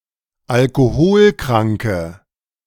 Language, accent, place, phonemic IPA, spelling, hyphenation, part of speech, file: German, Germany, Berlin, /alkoˈhoːlˌkʁaŋkə/, Alkoholkranke, Al‧ko‧hol‧kran‧ke, noun, De-Alkoholkranke.ogg
- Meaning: 1. female equivalent of Alkoholkranker: female alcoholic 2. inflection of Alkoholkranker: strong nominative/accusative plural 3. inflection of Alkoholkranker: weak nominative singular